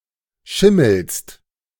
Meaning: second-person singular present of schimmeln
- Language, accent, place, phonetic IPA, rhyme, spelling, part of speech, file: German, Germany, Berlin, [ˈʃɪml̩st], -ɪml̩st, schimmelst, verb, De-schimmelst.ogg